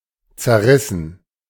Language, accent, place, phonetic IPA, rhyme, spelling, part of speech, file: German, Germany, Berlin, [t͡sɛɐ̯ˈʁɪsn̩], -ɪsn̩, zerrissen, verb, De-zerrissen.ogg
- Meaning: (verb) past participle of zerreißen; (adjective) torn, ripped (up)